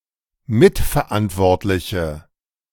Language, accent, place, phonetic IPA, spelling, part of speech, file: German, Germany, Berlin, [ˈmɪtfɛɐ̯ˌʔantvɔʁtlɪçə], mitverantwortliche, adjective, De-mitverantwortliche.ogg
- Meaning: inflection of mitverantwortlich: 1. strong/mixed nominative/accusative feminine singular 2. strong nominative/accusative plural 3. weak nominative all-gender singular